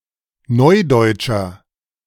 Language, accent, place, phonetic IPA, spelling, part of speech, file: German, Germany, Berlin, [ˈnɔɪ̯dɔɪ̯tʃɐ], neudeutscher, adjective, De-neudeutscher.ogg
- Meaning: inflection of neudeutsch: 1. strong/mixed nominative masculine singular 2. strong genitive/dative feminine singular 3. strong genitive plural